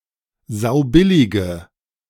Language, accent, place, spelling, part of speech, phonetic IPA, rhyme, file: German, Germany, Berlin, saubillige, adjective, [ˈzaʊ̯ˈbɪlɪɡə], -ɪlɪɡə, De-saubillige.ogg
- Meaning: inflection of saubillig: 1. strong/mixed nominative/accusative feminine singular 2. strong nominative/accusative plural 3. weak nominative all-gender singular